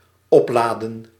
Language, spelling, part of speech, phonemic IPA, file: Dutch, opladen, verb, /ˈɔpladə(n)/, Nl-opladen.ogg
- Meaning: to charge, recharge